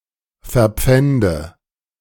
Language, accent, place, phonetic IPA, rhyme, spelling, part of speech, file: German, Germany, Berlin, [fɛɐ̯ˈp͡fɛndə], -ɛndə, verpfände, verb, De-verpfände.ogg
- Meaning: inflection of verpfänden: 1. first-person singular present 2. singular imperative 3. first/third-person singular subjunctive I